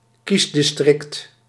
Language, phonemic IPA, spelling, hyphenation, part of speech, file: Dutch, /ˈkis.dɪsˌtrɪkt/, kiesdistrict, kies‧dis‧trict, noun, Nl-kiesdistrict.ogg
- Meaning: a constituency, a district for the purpose of electoral representation